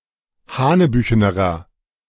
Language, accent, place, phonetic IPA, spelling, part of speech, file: German, Germany, Berlin, [ˈhaːnəˌbyːçənəʁɐ], hanebüchenerer, adjective, De-hanebüchenerer.ogg
- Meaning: inflection of hanebüchen: 1. strong/mixed nominative masculine singular comparative degree 2. strong genitive/dative feminine singular comparative degree 3. strong genitive plural comparative degree